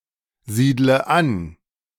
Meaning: inflection of ansiedeln: 1. first-person singular present 2. first/third-person singular subjunctive I 3. singular imperative
- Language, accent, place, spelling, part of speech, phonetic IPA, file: German, Germany, Berlin, siedle an, verb, [ˌziːdlə ˈan], De-siedle an.ogg